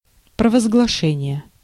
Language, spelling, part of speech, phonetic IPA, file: Russian, провозглашение, noun, [prəvəzɡɫɐˈʂɛnʲɪje], Ru-провозглашение.ogg
- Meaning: proclamation, enunciation